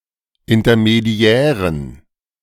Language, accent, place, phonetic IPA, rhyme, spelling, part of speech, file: German, Germany, Berlin, [ɪntɐmeˈdi̯ɛːʁən], -ɛːʁən, intermediären, adjective, De-intermediären.ogg
- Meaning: inflection of intermediär: 1. strong genitive masculine/neuter singular 2. weak/mixed genitive/dative all-gender singular 3. strong/weak/mixed accusative masculine singular 4. strong dative plural